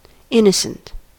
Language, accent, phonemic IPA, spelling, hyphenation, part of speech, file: English, US, /ˈɪnəsənt/, innocent, in‧no‧cent, adjective / noun, En-us-innocent.ogg
- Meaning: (adjective) 1. Free from guilt, sin, or immorality 2. Bearing no legal responsibility for a wrongful act 3. Without wrongful intent; accidental or in good faith 4. Naive; artless